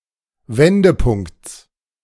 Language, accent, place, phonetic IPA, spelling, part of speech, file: German, Germany, Berlin, [ˈvɛndəˌpʊŋkt͡s], Wendepunkts, noun, De-Wendepunkts.ogg
- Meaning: genitive singular of Wendepunkt